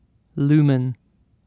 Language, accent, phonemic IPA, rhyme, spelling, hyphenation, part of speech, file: English, UK, /ˈluːmən/, -uːmən, lumen, lu‧men, noun, En-uk-lumen.ogg
- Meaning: In the International System of Units, the derived unit of luminous flux; the light that is emitted in a solid angle of one steradian from a source of one candela. Symbol: lm